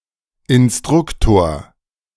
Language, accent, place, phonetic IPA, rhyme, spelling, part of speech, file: German, Germany, Berlin, [ɪnˈstʁʊktoːɐ̯], -ʊktoːɐ̯, Instruktor, noun, De-Instruktor.ogg
- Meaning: 1. teacher, educator, especially of the elite 2. instructor